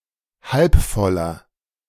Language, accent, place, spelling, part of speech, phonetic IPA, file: German, Germany, Berlin, halbvoller, adjective, [ˈhalpˌfɔlɐ], De-halbvoller.ogg
- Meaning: inflection of halbvoll: 1. strong/mixed nominative masculine singular 2. strong genitive/dative feminine singular 3. strong genitive plural